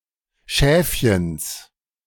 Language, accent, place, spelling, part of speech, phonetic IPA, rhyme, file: German, Germany, Berlin, Schäfchens, noun, [ˈʃɛːfçəns], -ɛːfçəns, De-Schäfchens.ogg
- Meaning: genitive singular of Schäfchen